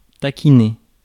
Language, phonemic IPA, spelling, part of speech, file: French, /ta.ki.ne/, taquiner, verb, Fr-taquiner.ogg
- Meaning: to tease